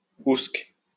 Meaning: alternative form of oùsque (“where”)
- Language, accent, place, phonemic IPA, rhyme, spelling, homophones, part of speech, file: French, France, Lyon, /usk/, -usk, ousque, oùsque, adverb, LL-Q150 (fra)-ousque.wav